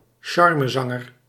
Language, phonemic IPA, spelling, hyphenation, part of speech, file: Dutch, /ˈʃɑr.məˌzɑ.ŋər/, charmezanger, char‧me‧zan‧ger, noun, Nl-charmezanger.ogg
- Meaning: a crooner